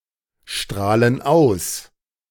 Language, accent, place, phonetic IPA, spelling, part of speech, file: German, Germany, Berlin, [ˌʃtʁaːlən ˈaʊ̯s], strahlen aus, verb, De-strahlen aus.ogg
- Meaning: inflection of ausstrahlen: 1. first/third-person plural present 2. first/third-person plural subjunctive I